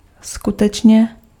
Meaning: really, truly
- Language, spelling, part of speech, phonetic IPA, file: Czech, skutečně, adverb, [ˈskutɛt͡ʃɲɛ], Cs-skutečně.ogg